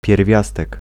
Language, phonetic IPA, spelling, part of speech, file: Polish, [pʲjɛrˈvʲjastɛk], pierwiastek, noun, Pl-pierwiastek.ogg